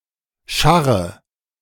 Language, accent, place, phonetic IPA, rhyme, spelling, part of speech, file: German, Germany, Berlin, [ˈʃaʁə], -aʁə, scharre, verb, De-scharre.ogg
- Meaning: inflection of scharren: 1. first-person singular present 2. first/third-person singular subjunctive I 3. singular imperative